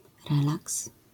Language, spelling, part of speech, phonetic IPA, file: Polish, relaks, noun, [ˈrɛlaks], LL-Q809 (pol)-relaks.wav